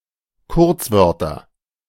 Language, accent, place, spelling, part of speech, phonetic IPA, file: German, Germany, Berlin, Kurzwörter, noun, [ˈkʊʁt͡sˌvœʁtɐ], De-Kurzwörter.ogg
- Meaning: nominative/accusative/genitive plural of Kurzwort